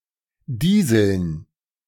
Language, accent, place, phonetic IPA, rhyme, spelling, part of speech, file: German, Germany, Berlin, [ˈdiːzl̩n], -iːzl̩n, Dieseln, noun, De-Dieseln.ogg
- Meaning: dative plural of Diesel